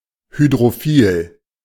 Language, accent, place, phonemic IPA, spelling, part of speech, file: German, Germany, Berlin, /ˌhydʁoˈfiːl/, hydrophil, adjective, De-hydrophil.ogg
- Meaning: hydrophilic (having an affinity for water)